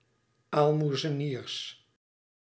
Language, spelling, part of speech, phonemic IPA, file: Dutch, aalmoezeniers, noun, /almuzəˈnirs/, Nl-aalmoezeniers.ogg
- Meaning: plural of aalmoezenier